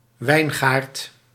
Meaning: 1. vineyard, where grapes are grown for wine production 2. the grapevine, either the whole plant (Vitis vinifera) or one of its climbing branches 3. another vine species, like clematis
- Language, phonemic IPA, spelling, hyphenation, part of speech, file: Dutch, /ˈʋɛi̯n.ɣaːrt/, wijngaard, wijn‧gaard, noun, Nl-wijngaard.ogg